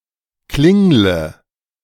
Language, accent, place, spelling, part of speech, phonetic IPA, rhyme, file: German, Germany, Berlin, klingle, verb, [ˈklɪŋlə], -ɪŋlə, De-klingle.ogg
- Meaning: inflection of klingeln: 1. first-person singular present 2. singular imperative 3. first/third-person singular subjunctive I